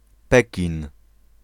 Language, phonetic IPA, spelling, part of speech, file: Polish, [ˈpɛcĩn], Pekin, proper noun, Pl-Pekin.ogg